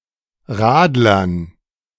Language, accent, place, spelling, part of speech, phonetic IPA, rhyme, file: German, Germany, Berlin, Radlern, noun, [ˈʁaːdlɐn], -aːdlɐn, De-Radlern.ogg
- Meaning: dative plural of Radler